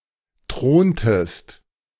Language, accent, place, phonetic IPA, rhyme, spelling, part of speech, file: German, Germany, Berlin, [ˈtʁoːntəst], -oːntəst, throntest, verb, De-throntest.ogg
- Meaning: inflection of thronen: 1. second-person singular preterite 2. second-person singular subjunctive II